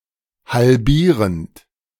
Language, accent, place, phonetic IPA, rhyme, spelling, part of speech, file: German, Germany, Berlin, [halˈbiːʁənt], -iːʁənt, halbierend, verb, De-halbierend.ogg
- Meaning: present participle of halbieren